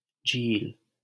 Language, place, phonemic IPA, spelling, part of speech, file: Hindi, Delhi, /d͡ʒʱiːl/, झील, noun / proper noun, LL-Q1568 (hin)-झील.wav
- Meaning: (noun) 1. lake 2. lagoon 3. pool 4. swamp; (proper noun) a female given name, Jheel